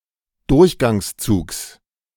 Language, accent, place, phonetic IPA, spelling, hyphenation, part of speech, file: German, Germany, Berlin, [ˈdʊʁçɡaŋsˌt͡suːks], Durchgangszugs, Durch‧gangs‧zugs, noun, De-Durchgangszugs.ogg
- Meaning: genitive singular of Durchgangszug